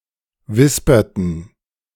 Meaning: inflection of wispern: 1. first/third-person plural preterite 2. first/third-person plural subjunctive II
- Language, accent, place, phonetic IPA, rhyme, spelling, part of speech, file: German, Germany, Berlin, [ˈvɪspɐtn̩], -ɪspɐtn̩, wisperten, verb, De-wisperten.ogg